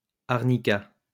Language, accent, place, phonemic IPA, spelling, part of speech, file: French, France, Lyon, /aʁ.ni.ka/, arnica, noun, LL-Q150 (fra)-arnica.wav
- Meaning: arnica